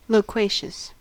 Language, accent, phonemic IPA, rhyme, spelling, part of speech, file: English, US, /loʊˈkweɪʃəs/, -eɪʃəs, loquacious, adjective, En-us-loquacious.ogg
- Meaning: Talkative; chatty